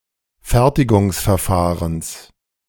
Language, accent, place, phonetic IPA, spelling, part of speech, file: German, Germany, Berlin, [ˈfɛʁtɪɡʊŋsfɛɐ̯ˌfaːʁəns], Fertigungsverfahrens, noun, De-Fertigungsverfahrens.ogg
- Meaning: genitive singular of Fertigungsverfahren